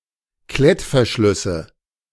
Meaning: nominative/accusative/genitive plural of Klettverschluss
- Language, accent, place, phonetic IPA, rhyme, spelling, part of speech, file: German, Germany, Berlin, [ˈklɛtfɛɐ̯ˌʃlʏsə], -ɛtfɛɐ̯ʃlʏsə, Klettverschlüsse, noun, De-Klettverschlüsse.ogg